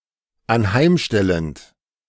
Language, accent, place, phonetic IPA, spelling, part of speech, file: German, Germany, Berlin, [anˈhaɪ̯mˌʃtɛlənt], anheimstellend, verb, De-anheimstellend.ogg
- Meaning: present participle of anheimstellen